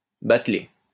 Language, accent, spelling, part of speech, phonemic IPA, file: French, France, batelée, verb / noun, /bat.le/, LL-Q150 (fra)-batelée.wav
- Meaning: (verb) feminine singular of batelé; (noun) boatload (a large quantity)